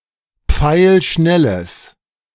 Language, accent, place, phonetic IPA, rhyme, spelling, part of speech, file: German, Germany, Berlin, [ˈp͡faɪ̯lˈʃnɛləs], -ɛləs, pfeilschnelles, adjective, De-pfeilschnelles.ogg
- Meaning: strong/mixed nominative/accusative neuter singular of pfeilschnell